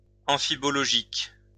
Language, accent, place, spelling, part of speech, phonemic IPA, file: French, France, Lyon, amphibologique, adjective, /ɑ̃.fi.bɔ.lɔ.ʒik/, LL-Q150 (fra)-amphibologique.wav
- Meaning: amphibological